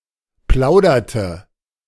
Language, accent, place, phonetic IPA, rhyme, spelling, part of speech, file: German, Germany, Berlin, [ˈplaʊ̯dɐtə], -aʊ̯dɐtə, plauderte, verb, De-plauderte.ogg
- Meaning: inflection of plaudern: 1. first/third-person singular preterite 2. first/third-person singular subjunctive II